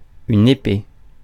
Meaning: 1. sword 2. glaive 3. sword; the weapon as shown on a coat of arms
- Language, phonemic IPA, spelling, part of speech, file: French, /e.pe/, épée, noun, Fr-épée.ogg